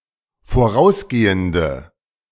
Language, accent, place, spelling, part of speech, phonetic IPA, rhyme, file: German, Germany, Berlin, vorausgehende, adjective, [foˈʁaʊ̯sˌɡeːəndə], -aʊ̯sɡeːəndə, De-vorausgehende.ogg
- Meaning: inflection of vorausgehend: 1. strong/mixed nominative/accusative feminine singular 2. strong nominative/accusative plural 3. weak nominative all-gender singular